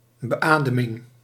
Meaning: ventilation (act of assisting someone with breathing)
- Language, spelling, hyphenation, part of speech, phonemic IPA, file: Dutch, beademing, be‧ade‧ming, noun, /bəˈaː.də.mɪŋ/, Nl-beademing.ogg